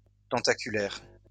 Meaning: 1. tentacular (pertaining to tentacles; which has tentacles) 2. tentacular (resembling a tentacle or tentacles) 3. sprawling
- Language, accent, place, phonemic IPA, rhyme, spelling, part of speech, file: French, France, Lyon, /tɑ̃.ta.ky.lɛʁ/, -ɛʁ, tentaculaire, adjective, LL-Q150 (fra)-tentaculaire.wav